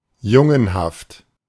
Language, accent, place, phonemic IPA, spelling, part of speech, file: German, Germany, Berlin, /ˈjʊŋənhaft/, jungenhaft, adjective, De-jungenhaft.ogg
- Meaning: boyish